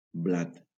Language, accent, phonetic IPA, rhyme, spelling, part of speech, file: Catalan, Valencia, [ˈblat], -at, blat, noun, LL-Q7026 (cat)-blat.wav
- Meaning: wheat